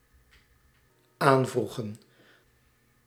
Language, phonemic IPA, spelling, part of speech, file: Dutch, /ˈaɱvruɣə(n)/, aanvroegen, verb, Nl-aanvroegen.ogg
- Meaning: inflection of aanvragen: 1. plural dependent-clause past indicative 2. plural dependent-clause past subjunctive